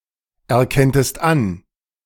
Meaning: second-person singular subjunctive II of anerkennen
- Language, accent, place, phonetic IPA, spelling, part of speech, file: German, Germany, Berlin, [ɛɐ̯ˌkɛntəst ˈan], erkenntest an, verb, De-erkenntest an.ogg